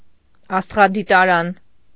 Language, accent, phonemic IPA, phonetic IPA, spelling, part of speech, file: Armenian, Eastern Armenian, /ɑstʁɑditɑˈɾɑn/, [ɑstʁɑditɑɾɑ́n], աստղադիտարան, noun, Hy-աստղադիտարան.ogg
- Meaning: observatory